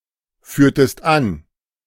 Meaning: inflection of anführen: 1. second-person singular preterite 2. second-person singular subjunctive II
- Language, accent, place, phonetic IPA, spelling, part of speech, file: German, Germany, Berlin, [ˌfyːɐ̯təst ˈan], führtest an, verb, De-führtest an.ogg